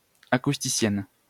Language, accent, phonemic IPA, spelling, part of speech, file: French, France, /a.kus.ti.sjɛn/, acousticienne, noun, LL-Q150 (fra)-acousticienne.wav
- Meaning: female equivalent of acousticien